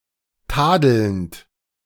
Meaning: present participle of tadeln
- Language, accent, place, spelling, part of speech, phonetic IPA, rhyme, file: German, Germany, Berlin, tadelnd, verb, [ˈtaːdl̩nt], -aːdl̩nt, De-tadelnd.ogg